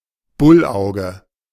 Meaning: porthole
- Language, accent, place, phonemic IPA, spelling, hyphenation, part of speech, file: German, Germany, Berlin, /ˈbʊlˌ(ʔ)aʊ̯ɡə/, Bullauge, Bull‧au‧ge, noun, De-Bullauge.ogg